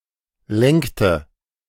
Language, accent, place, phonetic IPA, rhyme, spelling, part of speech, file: German, Germany, Berlin, [ˈlɛŋktə], -ɛŋktə, lenkte, verb, De-lenkte.ogg
- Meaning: inflection of lenken: 1. first/third-person singular preterite 2. first/third-person singular subjunctive II